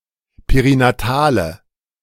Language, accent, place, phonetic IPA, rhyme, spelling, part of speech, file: German, Germany, Berlin, [peʁinaˈtaːlə], -aːlə, perinatale, adjective, De-perinatale.ogg
- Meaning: inflection of perinatal: 1. strong/mixed nominative/accusative feminine singular 2. strong nominative/accusative plural 3. weak nominative all-gender singular